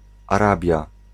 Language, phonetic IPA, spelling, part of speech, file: Polish, [aˈrabʲja], Arabia, proper noun, Pl-Arabia.ogg